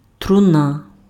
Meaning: coffin
- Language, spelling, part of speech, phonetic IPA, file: Ukrainian, труна, noun, [trʊˈna], Uk-труна.ogg